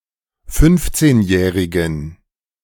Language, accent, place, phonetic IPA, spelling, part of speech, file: German, Germany, Berlin, [ˈfʏnft͡seːnˌjɛːʁɪɡn̩], fünfzehnjährigen, adjective, De-fünfzehnjährigen.ogg
- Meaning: inflection of fünfzehnjährig: 1. strong genitive masculine/neuter singular 2. weak/mixed genitive/dative all-gender singular 3. strong/weak/mixed accusative masculine singular 4. strong dative plural